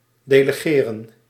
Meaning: to delegate
- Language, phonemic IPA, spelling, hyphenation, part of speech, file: Dutch, /ˌdeː.ləˈɣeː.rə(n)/, delegeren, de‧le‧ge‧ren, verb, Nl-delegeren.ogg